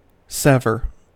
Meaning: 1. To cut free 2. To suffer disjunction; to be parted or separated 3. To make a separation or distinction; to distinguish 4. To disconnect; to disunite; to terminate
- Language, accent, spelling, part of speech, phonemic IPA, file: English, US, sever, verb, /ˈsɛv.ɚ/, En-us-sever.ogg